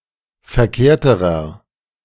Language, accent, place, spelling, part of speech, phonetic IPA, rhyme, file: German, Germany, Berlin, verkehrterer, adjective, [fɛɐ̯ˈkeːɐ̯təʁɐ], -eːɐ̯təʁɐ, De-verkehrterer.ogg
- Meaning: inflection of verkehrt: 1. strong/mixed nominative masculine singular comparative degree 2. strong genitive/dative feminine singular comparative degree 3. strong genitive plural comparative degree